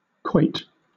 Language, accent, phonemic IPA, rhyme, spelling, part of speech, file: English, Southern England, /kɔɪt/, -ɔɪt, quoit, noun / verb, LL-Q1860 (eng)-quoit.wav
- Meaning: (noun) 1. A flat disc of metal or stone thrown at a target in the game of quoits 2. A ring of rubber or rope similarly used in the game of deck-quoits 3. The flat stone covering a cromlech